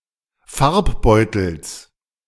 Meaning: genitive singular of Farbbeutel
- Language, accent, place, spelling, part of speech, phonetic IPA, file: German, Germany, Berlin, Farbbeutels, noun, [ˈfaʁpˌbɔɪ̯tl̩s], De-Farbbeutels.ogg